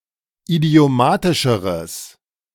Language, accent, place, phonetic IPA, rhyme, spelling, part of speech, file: German, Germany, Berlin, [idi̯oˈmaːtɪʃəʁəs], -aːtɪʃəʁəs, idiomatischeres, adjective, De-idiomatischeres.ogg
- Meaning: strong/mixed nominative/accusative neuter singular comparative degree of idiomatisch